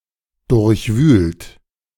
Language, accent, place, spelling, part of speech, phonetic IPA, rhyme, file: German, Germany, Berlin, durchwühlt, verb, [ˌdʊʁçˈvyːlt], -yːlt, De-durchwühlt.ogg
- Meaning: 1. past participle of durchwühlen 2. inflection of durchwühlen: third-person singular present 3. inflection of durchwühlen: second-person plural present 4. inflection of durchwühlen: plural imperative